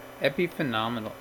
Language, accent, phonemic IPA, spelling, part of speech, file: English, US, /ˌɛpɪfɪˈnɒmɪnəl/, epiphenomenal, adjective, En-us-epiphenomenal.ogg
- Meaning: Being of secondary consequence to a causal chain of processes, but playing no causal role in the process of interest